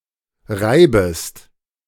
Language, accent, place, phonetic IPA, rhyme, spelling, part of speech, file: German, Germany, Berlin, [ˈʁaɪ̯bəst], -aɪ̯bəst, reibest, verb, De-reibest.ogg
- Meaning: second-person singular subjunctive I of reiben